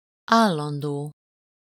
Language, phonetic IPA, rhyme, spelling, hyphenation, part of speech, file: Hungarian, [ˈaːlːɒndoː], -doː, állandó, ál‧lan‧dó, verb / adjective / noun, Hu-állandó.ogg
- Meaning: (verb) future participle of áll; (adjective) constant (unchanged through time), permanent, fixed; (noun) constant